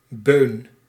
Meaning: 1. attic 2. raised platform, often made out of wood
- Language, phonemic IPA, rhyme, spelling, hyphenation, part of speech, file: Dutch, /bøːn/, -øːn, beun, beun, noun, Nl-beun.ogg